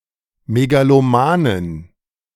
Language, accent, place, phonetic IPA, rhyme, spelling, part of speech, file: German, Germany, Berlin, [meɡaloˈmaːnən], -aːnən, megalomanen, adjective, De-megalomanen.ogg
- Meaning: inflection of megaloman: 1. strong genitive masculine/neuter singular 2. weak/mixed genitive/dative all-gender singular 3. strong/weak/mixed accusative masculine singular 4. strong dative plural